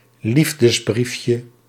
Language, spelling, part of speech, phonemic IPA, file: Dutch, liefdesbriefje, noun, /ˈlivdəzˌbrifjə/, Nl-liefdesbriefje.ogg
- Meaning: diminutive of liefdesbrief